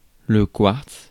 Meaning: quartz
- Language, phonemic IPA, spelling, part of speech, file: French, /kwaʁts/, quartz, noun, Fr-quartz.ogg